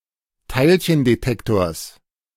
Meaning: genitive singular of Teilchendetektor
- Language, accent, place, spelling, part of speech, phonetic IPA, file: German, Germany, Berlin, Teilchendetektors, noun, [ˈtaɪ̯lçəndeˌtɛktoːɐ̯s], De-Teilchendetektors.ogg